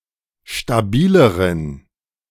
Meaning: inflection of stabil: 1. strong genitive masculine/neuter singular comparative degree 2. weak/mixed genitive/dative all-gender singular comparative degree
- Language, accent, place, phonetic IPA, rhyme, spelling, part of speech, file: German, Germany, Berlin, [ʃtaˈbiːləʁən], -iːləʁən, stabileren, adjective, De-stabileren.ogg